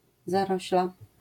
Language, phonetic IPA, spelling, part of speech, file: Polish, [zaˈrɔɕla], zarośla, noun, LL-Q809 (pol)-zarośla.wav